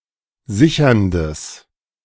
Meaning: strong/mixed nominative/accusative neuter singular of sichernd
- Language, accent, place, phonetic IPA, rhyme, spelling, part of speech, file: German, Germany, Berlin, [ˈzɪçɐndəs], -ɪçɐndəs, sicherndes, adjective, De-sicherndes.ogg